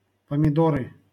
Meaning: nominative/accusative plural of помидо́р (pomidór)
- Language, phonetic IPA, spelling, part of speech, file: Russian, [pəmʲɪˈdorɨ], помидоры, noun, LL-Q7737 (rus)-помидоры.wav